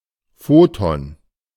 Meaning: alternative spelling of Photon (“photon”)
- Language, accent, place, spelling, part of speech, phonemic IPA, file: German, Germany, Berlin, Foton, noun, /ˈfoːtɔn/, De-Foton.ogg